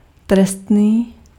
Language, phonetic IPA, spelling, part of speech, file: Czech, [ˈtrɛstniː], trestný, adjective, Cs-trestný.ogg
- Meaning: 1. punishable, criminal 2. punitive, penalty